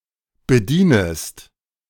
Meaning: second-person singular subjunctive I of bedienen
- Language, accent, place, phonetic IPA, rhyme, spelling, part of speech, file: German, Germany, Berlin, [bəˈdiːnəst], -iːnəst, bedienest, verb, De-bedienest.ogg